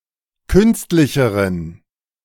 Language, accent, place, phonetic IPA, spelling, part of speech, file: German, Germany, Berlin, [ˈkʏnstlɪçəʁən], künstlicheren, adjective, De-künstlicheren.ogg
- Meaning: inflection of künstlich: 1. strong genitive masculine/neuter singular comparative degree 2. weak/mixed genitive/dative all-gender singular comparative degree